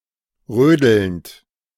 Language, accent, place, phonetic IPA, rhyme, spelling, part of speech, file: German, Germany, Berlin, [ˈʁøːdl̩nt], -øːdl̩nt, rödelnd, verb, De-rödelnd.ogg
- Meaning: present participle of rödeln